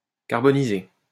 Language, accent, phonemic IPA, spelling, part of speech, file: French, France, /kaʁ.bɔ.ni.ze/, carboniser, verb, LL-Q150 (fra)-carboniser.wav
- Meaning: to char (to burn something to charcoal)